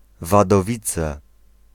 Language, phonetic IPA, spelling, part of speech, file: Polish, [ˌvadɔˈvʲit͡sɛ], Wadowice, proper noun, Pl-Wadowice.ogg